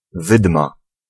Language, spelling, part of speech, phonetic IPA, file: Polish, wydma, noun, [ˈvɨdma], Pl-wydma.ogg